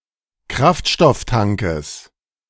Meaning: genitive singular of Kraftstofftank
- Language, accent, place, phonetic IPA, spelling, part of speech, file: German, Germany, Berlin, [ˈkʁaftʃtɔfˌtaŋkəs], Kraftstofftankes, noun, De-Kraftstofftankes.ogg